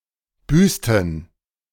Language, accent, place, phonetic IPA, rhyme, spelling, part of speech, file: German, Germany, Berlin, [ˈbyːstn̩], -yːstn̩, büßten, verb, De-büßten.ogg
- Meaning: inflection of büßen: 1. first/third-person plural preterite 2. first/third-person plural subjunctive II